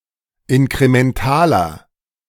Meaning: inflection of inkremental: 1. strong/mixed nominative masculine singular 2. strong genitive/dative feminine singular 3. strong genitive plural
- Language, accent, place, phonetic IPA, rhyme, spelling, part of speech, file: German, Germany, Berlin, [ɪnkʁemɛnˈtaːlɐ], -aːlɐ, inkrementaler, adjective, De-inkrementaler.ogg